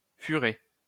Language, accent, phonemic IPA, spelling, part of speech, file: French, France, /fy.ʁɛ/, furet, noun, LL-Q150 (fra)-furet.wav
- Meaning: ferret